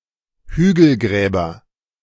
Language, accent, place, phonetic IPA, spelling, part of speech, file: German, Germany, Berlin, [ˈhyːɡl̩ˌɡʁɛːbɐ], Hügelgräber, noun, De-Hügelgräber.ogg
- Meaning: nominative/accusative/genitive plural of Hügelgrab